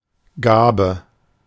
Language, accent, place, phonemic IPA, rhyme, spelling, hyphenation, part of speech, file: German, Germany, Berlin, /ˈɡaːbə/, -aːbə, Gabe, Ga‧be, noun, De-Gabe.ogg
- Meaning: 1. gift, present, donation, alms 2. administration, dose (act of giving medication)